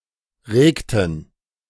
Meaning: inflection of regen: 1. first/third-person plural preterite 2. first/third-person plural subjunctive II
- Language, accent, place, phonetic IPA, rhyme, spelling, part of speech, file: German, Germany, Berlin, [ˈʁeːktn̩], -eːktn̩, regten, verb, De-regten.ogg